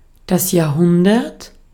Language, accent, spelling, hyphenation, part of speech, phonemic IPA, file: German, Austria, Jahrhundert, Jahr‧hun‧dert, noun, /jaːɐ̯ˈhʊndɐt/, De-at-Jahrhundert.ogg
- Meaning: a century (period of 100 years)